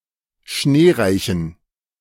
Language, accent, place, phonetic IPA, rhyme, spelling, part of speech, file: German, Germany, Berlin, [ˈʃneːˌʁaɪ̯çn̩], -eːʁaɪ̯çn̩, schneereichen, adjective, De-schneereichen.ogg
- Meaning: inflection of schneereich: 1. strong genitive masculine/neuter singular 2. weak/mixed genitive/dative all-gender singular 3. strong/weak/mixed accusative masculine singular 4. strong dative plural